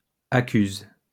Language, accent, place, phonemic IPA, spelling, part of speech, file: French, France, Lyon, /a.kyz/, accuse, verb, LL-Q150 (fra)-accuse.wav
- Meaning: inflection of accuser: 1. first/third-person singular present indicative/subjunctive 2. second-person singular imperative